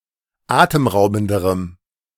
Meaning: strong dative masculine/neuter singular comparative degree of atemraubend
- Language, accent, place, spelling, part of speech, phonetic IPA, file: German, Germany, Berlin, atemraubenderem, adjective, [ˈaːtəmˌʁaʊ̯bn̩dəʁəm], De-atemraubenderem.ogg